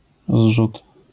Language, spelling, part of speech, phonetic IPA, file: Polish, zrzut, noun, [zʒut], LL-Q809 (pol)-zrzut.wav